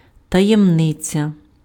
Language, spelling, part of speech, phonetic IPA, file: Ukrainian, таємниця, noun, [tɐjemˈnɪt͡sʲɐ], Uk-таємниця.ogg
- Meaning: 1. secret 2. mystery